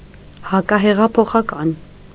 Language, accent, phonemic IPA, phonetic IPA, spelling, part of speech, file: Armenian, Eastern Armenian, /hɑkɑheʁɑpʰoχɑˈkɑn/, [hɑkɑheʁɑpʰoχɑkɑ́n], հակահեղափոխական, adjective / noun, Hy-հակահեղափոխական.ogg
- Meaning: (adjective) counterrevolutionary